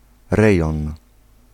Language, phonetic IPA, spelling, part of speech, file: Polish, [ˈrɛjɔ̃n], rejon, noun, Pl-rejon.ogg